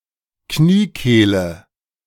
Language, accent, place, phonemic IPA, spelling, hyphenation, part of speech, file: German, Germany, Berlin, /ˈkniːˌkeːlə/, Kniekehle, Knie‧keh‧le, noun, De-Kniekehle.ogg
- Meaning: poplit